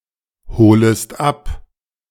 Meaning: second-person singular subjunctive I of abholen
- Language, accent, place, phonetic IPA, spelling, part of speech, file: German, Germany, Berlin, [ˌhoːləst ˈap], holest ab, verb, De-holest ab.ogg